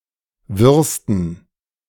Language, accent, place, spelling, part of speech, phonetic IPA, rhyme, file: German, Germany, Berlin, wirrsten, adjective, [ˈvɪʁstn̩], -ɪʁstn̩, De-wirrsten.ogg
- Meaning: 1. superlative degree of wirr 2. inflection of wirr: strong genitive masculine/neuter singular superlative degree